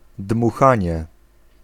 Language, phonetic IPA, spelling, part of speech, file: Polish, [dmuˈxãɲɛ], dmuchanie, noun, Pl-dmuchanie.ogg